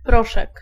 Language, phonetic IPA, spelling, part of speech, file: Polish, [ˈprɔʃɛk], proszek, noun, Pl-proszek.ogg